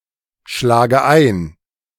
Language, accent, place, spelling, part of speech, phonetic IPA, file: German, Germany, Berlin, schlage ein, verb, [ˌʃlaːɡə ˈaɪ̯n], De-schlage ein.ogg
- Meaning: inflection of einschlagen: 1. first-person singular present 2. first/third-person singular subjunctive I 3. singular imperative